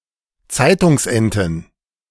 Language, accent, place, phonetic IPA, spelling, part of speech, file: German, Germany, Berlin, [ˈt͡saɪ̯tʊŋsˌʔɛntn̩], Zeitungsenten, noun, De-Zeitungsenten.ogg
- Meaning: plural of Zeitungsente